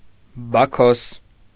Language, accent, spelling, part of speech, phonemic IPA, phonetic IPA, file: Armenian, Eastern Armenian, Բաքոս, proper noun, /bɑˈkʰos/, [bɑkʰós], Hy-Բաքոս.ogg
- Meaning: Bacchus